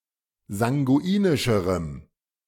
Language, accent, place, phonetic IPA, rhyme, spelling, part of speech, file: German, Germany, Berlin, [zaŋɡuˈiːnɪʃəʁəm], -iːnɪʃəʁəm, sanguinischerem, adjective, De-sanguinischerem.ogg
- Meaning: strong dative masculine/neuter singular comparative degree of sanguinisch